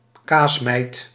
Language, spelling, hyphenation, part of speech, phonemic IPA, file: Dutch, kaasmijt, kaas‧mijt, noun, /ˈkaːs.mɛi̯t/, Nl-kaasmijt.ogg
- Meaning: cheese mite